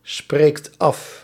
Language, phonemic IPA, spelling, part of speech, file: Dutch, /ˈsprekt ˈɑf/, spreekt af, verb, Nl-spreekt af.ogg
- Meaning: inflection of afspreken: 1. second/third-person singular present indicative 2. plural imperative